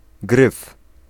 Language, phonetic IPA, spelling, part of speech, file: Polish, [ɡrɨf], gryf, noun, Pl-gryf.ogg